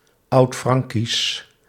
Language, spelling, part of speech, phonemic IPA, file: Dutch, Oudfrankisch, proper noun / adjective, /ˈɑutfrɑŋkis/, Nl-Oudfrankisch.ogg
- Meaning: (adjective) Old Frankish, Old Franconian; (proper noun) the Old Frankish language